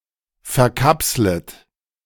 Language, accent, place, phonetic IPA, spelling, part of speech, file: German, Germany, Berlin, [fɛɐ̯ˈkapslət], verkapslet, verb, De-verkapslet.ogg
- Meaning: second-person plural subjunctive I of verkapseln